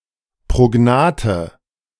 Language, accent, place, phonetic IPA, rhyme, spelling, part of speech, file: German, Germany, Berlin, [pʁoˈɡnaːtə], -aːtə, prognathe, adjective, De-prognathe.ogg
- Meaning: inflection of prognath: 1. strong/mixed nominative/accusative feminine singular 2. strong nominative/accusative plural 3. weak nominative all-gender singular